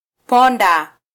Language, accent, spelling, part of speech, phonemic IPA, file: Swahili, Kenya, ponda, verb, /ˈpɔ.ⁿdɑ/, Sw-ke-ponda.flac
- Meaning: 1. to crush 2. to pound 3. to discredit 4. to knock down